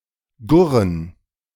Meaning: to make a low sound: 1. to coo 2. to cluck
- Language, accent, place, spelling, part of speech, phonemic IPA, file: German, Germany, Berlin, gurren, verb, /ˈɡʊʁən/, De-gurren.ogg